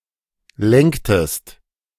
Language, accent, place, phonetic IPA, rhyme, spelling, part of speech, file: German, Germany, Berlin, [ˈlɛŋktəst], -ɛŋktəst, lenktest, verb, De-lenktest.ogg
- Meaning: inflection of lenken: 1. second-person singular preterite 2. second-person singular subjunctive II